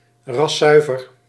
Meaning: purebred, racially pure
- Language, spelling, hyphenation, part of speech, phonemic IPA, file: Dutch, raszuiver, ras‧zui‧ver, adjective, /ˌrɑsˈzœy̯.vər/, Nl-raszuiver.ogg